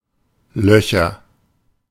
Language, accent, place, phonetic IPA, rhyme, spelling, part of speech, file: German, Germany, Berlin, [ˈlœçɐ], -œçɐ, Löcher, noun, De-Löcher.ogg
- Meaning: nominative/accusative/genitive plural of Loch